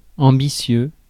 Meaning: ambitious
- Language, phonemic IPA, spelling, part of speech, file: French, /ɑ̃.bi.sjø/, ambitieux, adjective, Fr-ambitieux.ogg